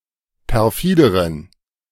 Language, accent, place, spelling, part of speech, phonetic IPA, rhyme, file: German, Germany, Berlin, perfideren, adjective, [pɛʁˈfiːdəʁən], -iːdəʁən, De-perfideren.ogg
- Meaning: inflection of perfide: 1. strong genitive masculine/neuter singular comparative degree 2. weak/mixed genitive/dative all-gender singular comparative degree